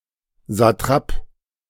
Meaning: satrap (governor of a province in Ancient Persia)
- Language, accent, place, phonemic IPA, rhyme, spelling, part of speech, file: German, Germany, Berlin, /zaˈtʁaːp/, -aːp, Satrap, noun, De-Satrap.ogg